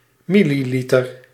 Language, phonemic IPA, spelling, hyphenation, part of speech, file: Dutch, /ˈmi.liˌli.tər/, milliliter, mil‧li‧li‧ter, noun, Nl-milliliter.ogg
- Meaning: milliliter, millilitre (0.001 litre)